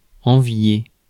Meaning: to envy
- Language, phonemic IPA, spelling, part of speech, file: French, /ɑ̃.vje/, envier, verb, Fr-envier.ogg